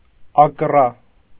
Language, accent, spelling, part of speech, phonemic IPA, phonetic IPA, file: Armenian, Eastern Armenian, ակռա, noun, /ɑkˈrɑ/, [ɑkrɑ́], Hy-ակռա.ogg
- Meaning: tooth